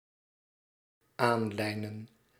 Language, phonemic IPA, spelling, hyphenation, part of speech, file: Dutch, /ˈaːnˌlɛi̯.nə(n)/, aanlijnen, aan‧lij‧nen, verb, Nl-aanlijnen.ogg
- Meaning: to leash, to secure with a leash, to put a leash on